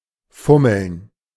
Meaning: 1. to fumble (idly touch or nervously handle) 2. to fiddle (adjust in order to cover a basic flaw) 3. to make out (engage in sexual activities)
- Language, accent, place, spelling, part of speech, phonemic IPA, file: German, Germany, Berlin, fummeln, verb, /ˈfʊməln/, De-fummeln.ogg